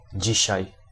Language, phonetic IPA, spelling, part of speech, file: Polish, [ˈd͡ʑiɕäj], dzisiaj, adverb, Pl-dzisiaj.ogg